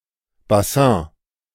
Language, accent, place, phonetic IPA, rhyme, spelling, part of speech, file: German, Germany, Berlin, [baˈsɛ̃ː], -ɛ̃ː, Bassin, noun, De-Bassin.ogg
- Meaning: basin, pool